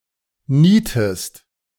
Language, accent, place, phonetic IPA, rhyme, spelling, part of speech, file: German, Germany, Berlin, [ˈniːtəst], -iːtəst, nietest, verb, De-nietest.ogg
- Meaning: inflection of nieten: 1. second-person singular present 2. second-person singular subjunctive I